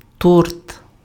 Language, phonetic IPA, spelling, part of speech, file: Ukrainian, [tɔrt], торт, noun, Uk-торт.ogg
- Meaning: cake, torte